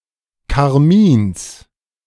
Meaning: genitive singular of Karmin
- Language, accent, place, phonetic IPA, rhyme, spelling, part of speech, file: German, Germany, Berlin, [kaʁˈmiːns], -iːns, Karmins, noun, De-Karmins.ogg